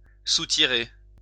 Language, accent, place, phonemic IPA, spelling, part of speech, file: French, France, Lyon, /su.ti.ʁe/, soutirer, verb, LL-Q150 (fra)-soutirer.wav
- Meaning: to rack (beer or wine)